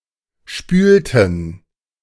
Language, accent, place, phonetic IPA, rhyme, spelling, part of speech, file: German, Germany, Berlin, [ˈʃpyːltn̩], -yːltn̩, spülten, verb, De-spülten.ogg
- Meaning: inflection of spülen: 1. first/third-person plural preterite 2. first/third-person plural subjunctive II